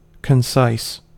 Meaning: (adjective) 1. Brief, yet including all important information 2. Physically short or truncated; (verb) To make concise; to abridge or summarize
- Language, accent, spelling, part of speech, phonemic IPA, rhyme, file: English, US, concise, adjective / verb, /kənˈsaɪs/, -aɪs, En-us-concise.ogg